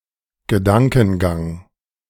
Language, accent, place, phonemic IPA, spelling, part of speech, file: German, Germany, Berlin, /ɡəˈdaŋkn̩ˌɡaŋ/, Gedankengang, noun, De-Gedankengang.ogg
- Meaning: reasoning; train of thought